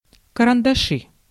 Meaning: nominative/accusative plural of каранда́ш (karandáš)
- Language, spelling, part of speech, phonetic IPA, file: Russian, карандаши, noun, [kərəndɐˈʂɨ], Ru-карандаши.ogg